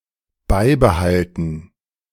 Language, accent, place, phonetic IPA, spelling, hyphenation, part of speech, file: German, Germany, Berlin, [ˈbaɪbəˌhaltn̩], beibehalten, bei‧be‧hal‧ten, verb, De-beibehalten.ogg
- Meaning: 1. to maintain, keep 2. to retain